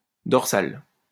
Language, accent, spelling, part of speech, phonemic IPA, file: French, France, dorsale, adjective, /dɔʁ.sal/, LL-Q150 (fra)-dorsale.wav
- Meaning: feminine singular of dorsal